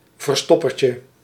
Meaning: hide and seek
- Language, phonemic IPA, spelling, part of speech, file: Dutch, /vərˈstɔ.pər.cə/, verstoppertje, noun, Nl-verstoppertje.ogg